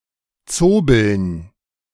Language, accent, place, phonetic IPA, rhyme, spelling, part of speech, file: German, Germany, Berlin, [ˈt͡soːbl̩n], -oːbl̩n, Zobeln, noun, De-Zobeln.ogg
- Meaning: dative plural of Zobel